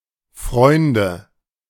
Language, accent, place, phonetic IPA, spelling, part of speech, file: German, Germany, Berlin, [ˈfʁɔɪ̯ndə], Freunde, noun, De-Freunde.ogg
- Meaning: 1. nominative/accusative/genitive plural of Freund 2. friends